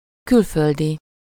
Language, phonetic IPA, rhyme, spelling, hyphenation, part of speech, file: Hungarian, [ˈkylføldi], -di, külföldi, kül‧föl‧di, adjective / noun, Hu-külföldi.ogg
- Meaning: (adjective) foreign (from a different country); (noun) foreigner